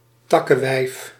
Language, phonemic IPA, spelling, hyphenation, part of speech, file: Dutch, /ˈtɑ.kəˌʋɛi̯f/, takkewijf, tak‧ke‧wijf, noun, Nl-takkewijf.ogg
- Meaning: a bitch, a belligerent, annoying or rude woman